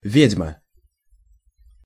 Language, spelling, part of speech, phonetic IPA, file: Russian, ведьма, noun, [ˈvʲedʲmə], Ru-ведьма.ogg
- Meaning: 1. witch 2. hag, shrew, beldam, harridan, vixen 3. Old Maid (card game)